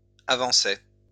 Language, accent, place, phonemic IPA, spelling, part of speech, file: French, France, Lyon, /a.vɑ̃.sɛ/, avançait, verb, LL-Q150 (fra)-avançait.wav
- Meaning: third-person singular imperfect indicative of avancer